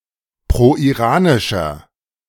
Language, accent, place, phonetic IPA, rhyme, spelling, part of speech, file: German, Germany, Berlin, [pʁoʔiˈʁaːnɪʃɐ], -aːnɪʃɐ, proiranischer, adjective, De-proiranischer.ogg
- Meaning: inflection of proiranisch: 1. strong/mixed nominative masculine singular 2. strong genitive/dative feminine singular 3. strong genitive plural